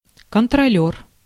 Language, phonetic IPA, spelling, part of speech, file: Russian, [kəntrɐˈlʲɵr], контролёр, noun, Ru-контролёр.ogg
- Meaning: 1. inspector 2. ticket collector